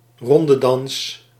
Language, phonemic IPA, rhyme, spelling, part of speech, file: Dutch, /rɔndədɑns/, -ɑns, rondedans, noun, Nl-rondedans.ogg
- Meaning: circle dance